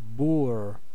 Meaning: 1. A peasant 2. A Boer, white South African of Dutch or Huguenot descent 3. A yokel, country bumpkin 4. An uncultured person; a vulgarian
- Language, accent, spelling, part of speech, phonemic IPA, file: English, US, boor, noun, /bʊɹ/, En-us-boor.ogg